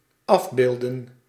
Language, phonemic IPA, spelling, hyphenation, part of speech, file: Dutch, /ˈɑvˌbeːldə(n)/, afbeelden, af‧beel‧den, verb, Nl-afbeelden.ogg
- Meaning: to portray, to depict, to represent